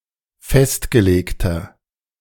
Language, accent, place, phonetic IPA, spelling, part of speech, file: German, Germany, Berlin, [ˈfɛstɡəˌleːktɐ], festgelegter, adjective, De-festgelegter.ogg
- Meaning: 1. comparative degree of festgelegt 2. inflection of festgelegt: strong/mixed nominative masculine singular 3. inflection of festgelegt: strong genitive/dative feminine singular